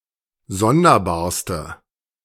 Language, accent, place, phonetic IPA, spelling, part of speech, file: German, Germany, Berlin, [ˈzɔndɐˌbaːɐ̯stə], sonderbarste, adjective, De-sonderbarste.ogg
- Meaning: inflection of sonderbar: 1. strong/mixed nominative/accusative feminine singular superlative degree 2. strong nominative/accusative plural superlative degree